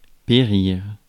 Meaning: to perish; to die
- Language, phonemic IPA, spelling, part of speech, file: French, /pe.ʁiʁ/, périr, verb, Fr-périr.ogg